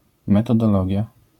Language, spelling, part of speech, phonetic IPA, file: Polish, metodologia, noun, [ˌmɛtɔdɔˈlɔɟja], LL-Q809 (pol)-metodologia.wav